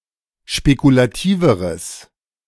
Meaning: strong/mixed nominative/accusative neuter singular comparative degree of spekulativ
- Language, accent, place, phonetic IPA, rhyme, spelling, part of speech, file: German, Germany, Berlin, [ʃpekulaˈtiːvəʁəs], -iːvəʁəs, spekulativeres, adjective, De-spekulativeres.ogg